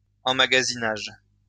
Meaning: storage
- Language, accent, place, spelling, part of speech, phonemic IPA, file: French, France, Lyon, emmagasinage, noun, /ɑ̃.ma.ɡa.zi.naʒ/, LL-Q150 (fra)-emmagasinage.wav